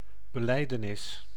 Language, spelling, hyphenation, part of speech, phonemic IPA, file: Dutch, belijdenis, be‧lij‧de‧nis, noun, /bəˈlɛi̯.dəˌnɪs/, Nl-belijdenis.ogg
- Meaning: 1. confession (profession of faith) 2. confession (admission of sins to someone)